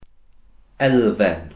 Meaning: 1. element (essential part) 2. element 3. element, factor, part
- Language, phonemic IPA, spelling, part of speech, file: Welsh, /ˈɛlvɛn/, elfen, noun, Cy-elfen.ogg